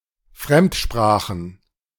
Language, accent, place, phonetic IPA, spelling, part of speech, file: German, Germany, Berlin, [ˈfʁɛmtˌʃpʁaːxn̩], Fremdsprachen, noun, De-Fremdsprachen.ogg
- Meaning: plural of Fremdsprache